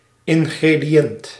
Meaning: ingredient
- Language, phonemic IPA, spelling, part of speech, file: Dutch, /ˌɪŋɣrediˈjɛnt/, ingrediënt, noun, Nl-ingrediënt.ogg